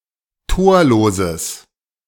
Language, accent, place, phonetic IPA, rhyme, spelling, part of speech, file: German, Germany, Berlin, [ˈtoːɐ̯loːzəs], -oːɐ̯loːzəs, torloses, adjective, De-torloses.ogg
- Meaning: strong/mixed nominative/accusative neuter singular of torlos